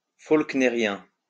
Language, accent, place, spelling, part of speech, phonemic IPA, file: French, France, Lyon, faulknérien, adjective, /folk.ne.ʁjɛ̃/, LL-Q150 (fra)-faulknérien.wav
- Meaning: Faulknerian